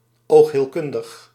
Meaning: ophthalmological
- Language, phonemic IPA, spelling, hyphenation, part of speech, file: Dutch, /ˌoːx.ɦeːlˈkʏn.dəx/, oogheelkundig, oog‧heel‧kun‧dig, adjective, Nl-oogheelkundig.ogg